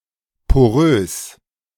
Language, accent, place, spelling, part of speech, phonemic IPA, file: German, Germany, Berlin, porös, adjective, /poˈʀøːs/, De-porös.ogg
- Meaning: porous, permeable